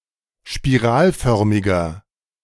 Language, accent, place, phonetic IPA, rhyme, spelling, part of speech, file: German, Germany, Berlin, [ʃpiˈʁaːlˌfœʁmɪɡɐ], -aːlfœʁmɪɡɐ, spiralförmiger, adjective, De-spiralförmiger.ogg
- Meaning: inflection of spiralförmig: 1. strong/mixed nominative masculine singular 2. strong genitive/dative feminine singular 3. strong genitive plural